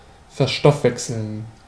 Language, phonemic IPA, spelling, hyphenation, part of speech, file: German, /fɛɐ̯ˈʃtɔfˌvɛksl̩n/, verstoffwechseln, ver‧stoff‧wech‧seln, verb, De-verstoffwechseln.ogg
- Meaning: to metabolize